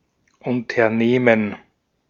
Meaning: 1. gerund of unternehmen 2. business, enterprise, company 3. undertaking 4. operation
- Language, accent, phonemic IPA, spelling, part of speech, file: German, Austria, /ˌʊntɐˈneːmən/, Unternehmen, noun, De-at-Unternehmen.ogg